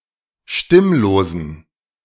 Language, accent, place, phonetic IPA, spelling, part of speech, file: German, Germany, Berlin, [ˈʃtɪmloːzn̩], stimmlosen, adjective, De-stimmlosen.ogg
- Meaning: inflection of stimmlos: 1. strong genitive masculine/neuter singular 2. weak/mixed genitive/dative all-gender singular 3. strong/weak/mixed accusative masculine singular 4. strong dative plural